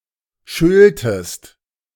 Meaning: second-person singular subjunctive II of schelten
- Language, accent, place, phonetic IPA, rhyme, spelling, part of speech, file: German, Germany, Berlin, [ˈʃœltəst], -œltəst, schöltest, verb, De-schöltest.ogg